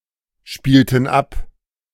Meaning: inflection of abspielen: 1. first/third-person plural preterite 2. first/third-person plural subjunctive II
- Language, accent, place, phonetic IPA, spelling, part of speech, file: German, Germany, Berlin, [ˌʃpiːltn̩ ˈap], spielten ab, verb, De-spielten ab.ogg